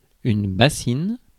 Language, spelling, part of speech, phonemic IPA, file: French, bassine, noun, /ba.sin/, Fr-bassine.ogg
- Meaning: 1. bowl 2. bowlful